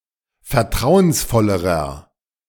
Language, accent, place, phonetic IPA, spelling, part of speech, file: German, Germany, Berlin, [fɛɐ̯ˈtʁaʊ̯ənsˌfɔləʁə], vertrauensvollere, adjective, De-vertrauensvollere.ogg
- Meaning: inflection of vertrauensvoll: 1. strong/mixed nominative/accusative feminine singular comparative degree 2. strong nominative/accusative plural comparative degree